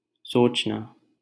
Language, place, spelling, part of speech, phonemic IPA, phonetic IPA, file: Hindi, Delhi, सोचना, verb, /soːt͡ʃ.nɑː/, [soːt͡ʃ.näː], LL-Q1568 (hin)-सोचना.wav
- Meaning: to think, ponder